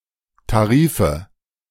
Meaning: nominative/accusative/genitive plural of Tarif
- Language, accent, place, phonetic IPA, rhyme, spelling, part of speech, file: German, Germany, Berlin, [taˈʁiːfə], -iːfə, Tarife, noun, De-Tarife.ogg